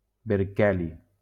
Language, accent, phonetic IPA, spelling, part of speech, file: Catalan, Valencia, [beɾˈkɛ.li], berkeli, noun, LL-Q7026 (cat)-berkeli.wav
- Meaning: berkelium